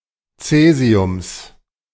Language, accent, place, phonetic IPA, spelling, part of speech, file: German, Germany, Berlin, [ˈt͡sɛːzi̯ʊms], Cäsiums, noun, De-Cäsiums.ogg
- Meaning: genitive singular of Cäsium